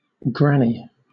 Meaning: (noun) 1. A grandmother 2. Any elderly woman, regardless of if she has grandchildren 3. An older ewe that may lure a lamb away from its mother 4. Ellipsis of granny knot
- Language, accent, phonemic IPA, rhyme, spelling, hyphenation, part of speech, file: English, Southern England, /ˈɡɹæni/, -æni, granny, gran‧ny, noun / adjective / verb, LL-Q1860 (eng)-granny.wav